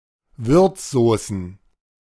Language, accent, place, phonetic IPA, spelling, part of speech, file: German, Germany, Berlin, [ˈvʏʁt͡sˌzoːsn̩], Würzsaucen, noun, De-Würzsaucen.ogg
- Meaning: plural of Würzsauce